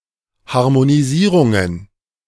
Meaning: plural of Harmonisierung
- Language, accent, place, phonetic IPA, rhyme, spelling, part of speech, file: German, Germany, Berlin, [haʁmoniˈziːʁʊŋən], -iːʁʊŋən, Harmonisierungen, noun, De-Harmonisierungen.ogg